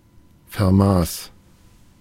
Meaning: first/third-person singular preterite of vermessen
- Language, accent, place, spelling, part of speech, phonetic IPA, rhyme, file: German, Germany, Berlin, vermaß, verb, [fɛɐ̯ˈmaːs], -aːs, De-vermaß.ogg